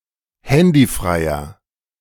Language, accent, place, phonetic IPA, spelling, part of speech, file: German, Germany, Berlin, [ˈhɛndiˌfʁaɪ̯ɐ], handyfreier, adjective, De-handyfreier.ogg
- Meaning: inflection of handyfrei: 1. strong/mixed nominative masculine singular 2. strong genitive/dative feminine singular 3. strong genitive plural